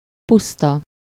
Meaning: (adjective) bare; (noun) 1. plain (an expanse of land with relatively low relief) 2. Pannonian Steppe
- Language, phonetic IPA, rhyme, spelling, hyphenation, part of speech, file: Hungarian, [ˈpustɒ], -tɒ, puszta, pusz‧ta, adjective / noun, Hu-puszta.ogg